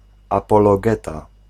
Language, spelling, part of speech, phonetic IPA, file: Polish, apologeta, noun, [ˌapɔlɔˈɡɛta], Pl-apologeta.ogg